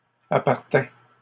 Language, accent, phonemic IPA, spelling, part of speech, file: French, Canada, /a.paʁ.tɛ̃/, appartins, verb, LL-Q150 (fra)-appartins.wav
- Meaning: first/second-person singular past historic of appartenir